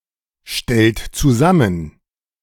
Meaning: inflection of zusammenstellen: 1. third-person singular present 2. second-person plural present 3. plural imperative
- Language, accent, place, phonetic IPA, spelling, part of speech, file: German, Germany, Berlin, [ˌʃtɛlt t͡suˈzamən], stellt zusammen, verb, De-stellt zusammen.ogg